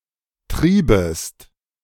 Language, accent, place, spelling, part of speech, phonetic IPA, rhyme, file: German, Germany, Berlin, triebest, verb, [ˈtʁiːbəst], -iːbəst, De-triebest.ogg
- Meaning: second-person singular subjunctive II of treiben